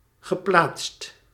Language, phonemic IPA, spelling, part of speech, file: Dutch, /ɣəˈplatst/, geplaatst, verb / adjective, Nl-geplaatst.ogg
- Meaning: past participle of plaatsen